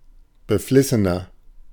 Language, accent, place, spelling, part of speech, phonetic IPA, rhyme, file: German, Germany, Berlin, beflissener, adjective, [bəˈflɪsənɐ], -ɪsənɐ, De-beflissener.ogg
- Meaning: 1. comparative degree of beflissen 2. inflection of beflissen: strong/mixed nominative masculine singular 3. inflection of beflissen: strong genitive/dative feminine singular